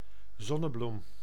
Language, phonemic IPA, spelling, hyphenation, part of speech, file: Dutch, /ˈzɔ.nəˌblum/, zonnebloem, zon‧ne‧bloem, noun, Nl-zonnebloem.ogg
- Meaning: 1. a sunflower, flower of the genus Helianthus 2. a 50 guilder banknote